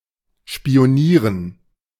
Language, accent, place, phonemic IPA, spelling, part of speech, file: German, Germany, Berlin, /ʃpi̯oˈniːʁən/, spionieren, verb, De-spionieren.ogg
- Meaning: to spy